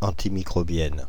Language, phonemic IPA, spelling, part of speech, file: French, /ɑ̃.ti.mi.kʁɔ.bjɛn/, antimicrobienne, adjective, Fr-antimicrobienne.ogg
- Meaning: feminine singular of antimicrobien